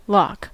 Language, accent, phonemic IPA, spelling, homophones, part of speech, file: English, US, /lɑk/, lock, Locke / lough, noun / verb, En-us-lock.ogg
- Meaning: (noun) 1. Something used for fastening, which can only be opened with a key or combination 2. A mutex or other token restricting access to a resource